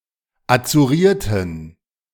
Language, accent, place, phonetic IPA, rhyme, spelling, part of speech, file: German, Germany, Berlin, [at͡suˈʁiːɐ̯tn̩], -iːɐ̯tn̩, azurierten, adjective, De-azurierten.ogg
- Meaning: inflection of azuriert: 1. strong genitive masculine/neuter singular 2. weak/mixed genitive/dative all-gender singular 3. strong/weak/mixed accusative masculine singular 4. strong dative plural